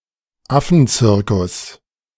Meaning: synonym of Affentheater
- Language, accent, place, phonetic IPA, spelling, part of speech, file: German, Germany, Berlin, [ˈafn̩ˌt͡sɪʁkʊs], Affenzirkus, noun, De-Affenzirkus.ogg